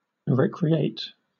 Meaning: 1. To give new life, energy or encouragement (to); to refresh, enliven 2. To enjoy or entertain oneself 3. To take recreation
- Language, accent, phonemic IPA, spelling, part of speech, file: English, Southern England, /ˈɹɛk.ɹi.eɪt/, recreate, verb, LL-Q1860 (eng)-recreate.wav